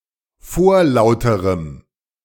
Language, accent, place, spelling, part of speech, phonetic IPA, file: German, Germany, Berlin, vorlauterem, adjective, [ˈfoːɐ̯ˌlaʊ̯təʁəm], De-vorlauterem.ogg
- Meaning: strong dative masculine/neuter singular comparative degree of vorlaut